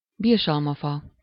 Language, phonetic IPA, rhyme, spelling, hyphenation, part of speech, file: Hungarian, [ˈbirʃɒlmɒfɒ], -fɒ, birsalmafa, birs‧al‧ma‧fa, noun, Hu-birsalmafa.ogg
- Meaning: quince (tree)